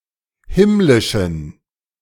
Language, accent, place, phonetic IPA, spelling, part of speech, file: German, Germany, Berlin, [ˈhɪmlɪʃn̩], himmlischen, adjective, De-himmlischen.ogg
- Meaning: inflection of himmlisch: 1. strong genitive masculine/neuter singular 2. weak/mixed genitive/dative all-gender singular 3. strong/weak/mixed accusative masculine singular 4. strong dative plural